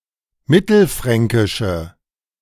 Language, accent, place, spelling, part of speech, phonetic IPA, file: German, Germany, Berlin, mittelfränkische, adjective, [ˈmɪtl̩ˌfʁɛŋkɪʃə], De-mittelfränkische.ogg
- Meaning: inflection of mittelfränkisch: 1. strong/mixed nominative/accusative feminine singular 2. strong nominative/accusative plural 3. weak nominative all-gender singular